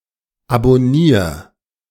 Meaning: 1. singular imperative of abonnieren 2. first-person singular present of abonnieren
- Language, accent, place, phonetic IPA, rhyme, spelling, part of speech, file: German, Germany, Berlin, [abɔˈniːɐ̯], -iːɐ̯, abonnier, verb, De-abonnier.ogg